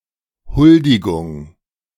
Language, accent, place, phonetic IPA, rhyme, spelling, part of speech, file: German, Germany, Berlin, [ˈhʊldɪɡʊŋ], -ʊldɪɡʊŋ, Huldigung, noun, De-Huldigung.ogg
- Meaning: homage (obligation to a feudal lord)